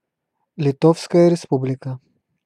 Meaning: Republic of Lithuania (official name of Lithuania: a country in northeastern Europe)
- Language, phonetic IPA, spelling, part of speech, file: Russian, [lʲɪˈtofskəjə rʲɪˈspublʲɪkə], Литовская Республика, proper noun, Ru-Литовская Республика.ogg